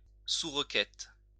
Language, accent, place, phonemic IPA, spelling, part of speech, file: French, France, Lyon, /su.ʁ(ə).kɛt/, sous-requête, noun, LL-Q150 (fra)-sous-requête.wav
- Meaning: subquery